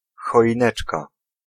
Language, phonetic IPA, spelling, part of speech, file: Polish, [ˌxɔʲĩˈnɛt͡ʃka], choineczka, noun, Pl-choineczka.ogg